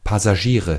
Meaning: nominative/accusative/genitive plural of Passagier
- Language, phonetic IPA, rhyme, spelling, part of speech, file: German, [ˌpasaˈʒiːʁə], -iːʁə, Passagiere, noun, De-Passagiere.ogg